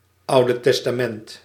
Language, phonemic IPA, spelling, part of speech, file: Dutch, /ˌɑu̯.də tɛs.taːˈmɛnt/, Oude Testament, proper noun, Nl-Oude Testament.ogg
- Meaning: the Old Testament, in any Christian canon